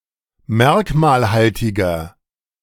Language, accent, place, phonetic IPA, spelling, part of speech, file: German, Germany, Berlin, [ˈmɛʁkmaːlˌhaltɪɡɐ], merkmalhaltiger, adjective, De-merkmalhaltiger.ogg
- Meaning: inflection of merkmalhaltig: 1. strong/mixed nominative masculine singular 2. strong genitive/dative feminine singular 3. strong genitive plural